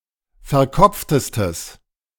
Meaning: strong/mixed nominative/accusative neuter singular superlative degree of verkopft
- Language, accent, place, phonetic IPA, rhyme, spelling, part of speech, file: German, Germany, Berlin, [fɛɐ̯ˈkɔp͡ftəstəs], -ɔp͡ftəstəs, verkopftestes, adjective, De-verkopftestes.ogg